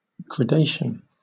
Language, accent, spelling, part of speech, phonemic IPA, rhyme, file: English, Southern England, gradation, noun / verb, /ɡɹəˈdeɪʃən/, -eɪʃən, LL-Q1860 (eng)-gradation.wav
- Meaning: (noun) 1. A sequence of gradual, successive stages; a systematic progression 2. A passing by small degrees from one tone or shade, as of color, to another